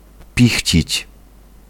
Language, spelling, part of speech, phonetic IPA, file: Polish, pichcić, verb, [ˈpʲixʲt͡ɕit͡ɕ], Pl-pichcić.ogg